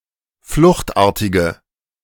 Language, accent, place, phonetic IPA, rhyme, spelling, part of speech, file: German, Germany, Berlin, [ˈflʊxtˌʔaːɐ̯tɪɡə], -ʊxtʔaːɐ̯tɪɡə, fluchtartige, adjective, De-fluchtartige.ogg
- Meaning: inflection of fluchtartig: 1. strong/mixed nominative/accusative feminine singular 2. strong nominative/accusative plural 3. weak nominative all-gender singular